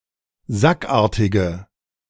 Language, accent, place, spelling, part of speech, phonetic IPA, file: German, Germany, Berlin, sackartige, adjective, [ˈzakˌʔaːɐ̯tɪɡə], De-sackartige.ogg
- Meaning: inflection of sackartig: 1. strong/mixed nominative/accusative feminine singular 2. strong nominative/accusative plural 3. weak nominative all-gender singular